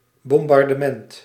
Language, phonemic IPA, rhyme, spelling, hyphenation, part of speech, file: Dutch, /ˌbɔm.bɑr.dəˈmɛnt/, -ɛnt, bombardement, bom‧bar‧de‧ment, noun, Nl-bombardement.ogg
- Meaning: 1. bombing (bombing from aircraft) 2. bombardment (artillery fire or bombing from the surface)